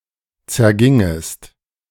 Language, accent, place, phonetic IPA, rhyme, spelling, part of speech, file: German, Germany, Berlin, [t͡sɛɐ̯ˈɡɪŋəst], -ɪŋəst, zergingest, verb, De-zergingest.ogg
- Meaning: second-person singular subjunctive II of zergehen